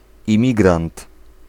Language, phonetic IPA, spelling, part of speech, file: Polish, [ĩˈmʲiɡrãnt], imigrant, noun, Pl-imigrant.ogg